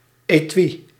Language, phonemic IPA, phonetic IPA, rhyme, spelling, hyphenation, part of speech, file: Dutch, /eːˈtʋi/, [eˈtʋi], -i, etui, etui, noun, Nl-etui.ogg
- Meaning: an étui; a case or sturdy bag for storing one or more small objects, especially a pencil case